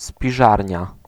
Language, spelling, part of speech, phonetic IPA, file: Polish, spiżarnia, noun, [spʲiˈʒarʲɲa], Pl-spiżarnia.ogg